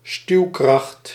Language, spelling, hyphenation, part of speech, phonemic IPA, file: Dutch, stuwkracht, stuw‧kracht, noun, /ˈstyu̯.krɑxt/, Nl-stuwkracht.ogg
- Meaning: 1. impulse 2. propulsion 3. thrust 4. impetus, stimulus